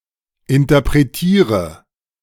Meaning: first-person singular of interpretieren
- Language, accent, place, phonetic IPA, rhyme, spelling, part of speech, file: German, Germany, Berlin, [ɪntɐpʁeˈtiːʁə], -iːʁə, interpretiere, verb, De-interpretiere.ogg